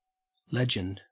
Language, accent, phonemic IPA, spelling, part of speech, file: English, Australia, /ˈlɛd͡ʒ.ənd/, legend, noun / verb, En-au-legend.ogg
- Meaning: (noun) The life story of a saint (such stories are often embellished, but any kind is called a legend)